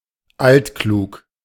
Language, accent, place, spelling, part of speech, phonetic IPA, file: German, Germany, Berlin, altklug, adjective, [ˈaltˌkluːk], De-altklug.ogg
- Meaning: precocious